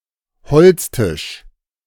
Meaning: wooden table
- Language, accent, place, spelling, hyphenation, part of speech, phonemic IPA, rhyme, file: German, Germany, Berlin, Holztisch, Holz‧tisch, noun, /ˈhɔlt͡sˌtɪʃ/, -ɪʃ, De-Holztisch.ogg